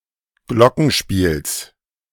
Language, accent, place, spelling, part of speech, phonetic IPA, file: German, Germany, Berlin, Glockenspiels, noun, [ˈɡlɔkŋ̩ˌʃpiːls], De-Glockenspiels.ogg
- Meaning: genitive singular of Glockenspiel